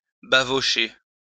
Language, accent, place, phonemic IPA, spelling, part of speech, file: French, France, Lyon, /ba.vɔ.ʃe/, bavocher, verb, LL-Q150 (fra)-bavocher.wav
- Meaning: to be etched